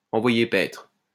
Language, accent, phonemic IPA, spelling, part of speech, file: French, France, /ɑ̃.vwa.je pɛtʁ/, envoyer paître, verb, LL-Q150 (fra)-envoyer paître.wav
- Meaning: to send someone packing